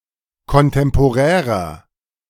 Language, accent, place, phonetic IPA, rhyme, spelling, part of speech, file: German, Germany, Berlin, [kɔnˌtɛmpoˈʁɛːʁɐ], -ɛːʁɐ, kontemporärer, adjective, De-kontemporärer.ogg
- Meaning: inflection of kontemporär: 1. strong/mixed nominative masculine singular 2. strong genitive/dative feminine singular 3. strong genitive plural